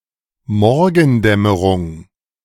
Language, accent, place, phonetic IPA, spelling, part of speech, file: German, Germany, Berlin, [ˈmɔʁɡn̩ˌdɛməʁʊŋ], Morgendämmerung, noun, De-Morgendämmerung.ogg
- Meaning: dawn, daybreak